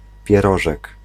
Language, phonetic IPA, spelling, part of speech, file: Polish, [pʲjɛˈrɔʒɛk], pierożek, noun, Pl-pierożek.ogg